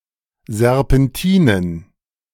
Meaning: plural of Serpentine
- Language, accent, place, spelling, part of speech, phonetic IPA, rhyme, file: German, Germany, Berlin, Serpentinen, noun, [zɛʁpɛnˈtiːnən], -iːnən, De-Serpentinen.ogg